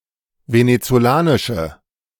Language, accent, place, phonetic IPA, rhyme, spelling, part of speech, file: German, Germany, Berlin, [ˌvenet͡soˈlaːnɪʃə], -aːnɪʃə, venezolanische, adjective, De-venezolanische.ogg
- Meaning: inflection of venezolanisch: 1. strong/mixed nominative/accusative feminine singular 2. strong nominative/accusative plural 3. weak nominative all-gender singular